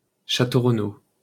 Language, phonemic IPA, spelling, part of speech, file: French, /ʁə.no/, Renault, proper noun, LL-Q150 (fra)-Renault.wav
- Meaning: 1. a surname 2. a French motorcar manufacturer